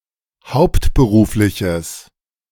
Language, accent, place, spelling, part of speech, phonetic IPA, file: German, Germany, Berlin, hauptberufliches, adjective, [ˈhaʊ̯ptbəˌʁuːflɪçəs], De-hauptberufliches.ogg
- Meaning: strong/mixed nominative/accusative neuter singular of hauptberuflich